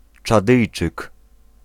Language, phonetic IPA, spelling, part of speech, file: Polish, [t͡ʃaˈdɨjt͡ʃɨk], Czadyjczyk, noun, Pl-Czadyjczyk.ogg